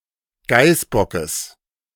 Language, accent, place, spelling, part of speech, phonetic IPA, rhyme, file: German, Germany, Berlin, Geißbockes, noun, [ˈɡaɪ̯sˌbɔkəs], -aɪ̯sbɔkəs, De-Geißbockes.ogg
- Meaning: genitive singular of Geißbock